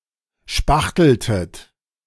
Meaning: inflection of spachteln: 1. second-person plural preterite 2. second-person plural subjunctive II
- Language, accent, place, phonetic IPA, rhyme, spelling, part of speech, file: German, Germany, Berlin, [ˈʃpaxtl̩tət], -axtl̩tət, spachteltet, verb, De-spachteltet.ogg